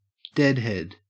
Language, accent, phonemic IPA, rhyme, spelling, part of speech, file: English, Australia, /ˈdɛdhɛd/, -ɛdhɛd, deadhead, noun / verb, En-au-deadhead.ogg
- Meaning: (noun) A person either admitted to a theatrical or musical performance without charge, or paid to attend